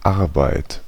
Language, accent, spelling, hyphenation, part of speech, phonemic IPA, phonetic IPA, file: German, Germany, Arbeit, Ar‧beit, noun, /ˈaʁbaɪ̯t/, [ˈaʁbaɪ̯t], De-Arbeit.ogg
- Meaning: 1. toil, regularly performed work, regularly pursued economic activity, labor, job, employment, occupation 2. job, task, assignment 3. effort, work, human expenditure